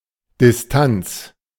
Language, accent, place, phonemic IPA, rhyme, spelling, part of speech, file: German, Germany, Berlin, /dɪsˈtant͡s/, -ants, Distanz, noun, De-Distanz.ogg
- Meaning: distance